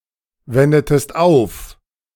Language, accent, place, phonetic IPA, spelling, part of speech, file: German, Germany, Berlin, [ˌvɛndətəst ˈaʊ̯f], wendetest auf, verb, De-wendetest auf.ogg
- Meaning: inflection of aufwenden: 1. second-person singular preterite 2. second-person singular subjunctive II